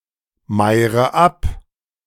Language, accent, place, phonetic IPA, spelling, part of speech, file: German, Germany, Berlin, [ˌmaɪ̯ʁə ˈap], meire ab, verb, De-meire ab.ogg
- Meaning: inflection of abmeiern: 1. first-person singular present 2. first/third-person singular subjunctive I 3. singular imperative